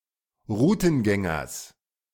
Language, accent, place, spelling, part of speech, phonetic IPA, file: German, Germany, Berlin, Rutengängers, noun, [ˈʁuːtn̩ˌɡɛŋɐs], De-Rutengängers.ogg
- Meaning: genitive singular of Rutengänger